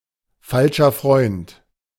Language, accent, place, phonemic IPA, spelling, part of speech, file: German, Germany, Berlin, /ˈfalʃɐ fʁɔɪ̯nt/, falscher Freund, noun, De-falscher Freund.ogg
- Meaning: 1. false friend 2. Used other than figuratively or idiomatically: see falsch, Freund